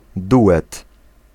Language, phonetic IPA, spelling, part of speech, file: Polish, [ˈduʷɛt], duet, noun, Pl-duet.ogg